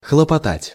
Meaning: 1. to bustle about, to diligently do things 2. to hustle, to fuss 3. to try to achieve 4. to try to help, to intercede (for), to plead (for) (usually with the authorities)
- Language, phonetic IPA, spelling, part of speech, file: Russian, [xɫəpɐˈtatʲ], хлопотать, verb, Ru-хлопотать.ogg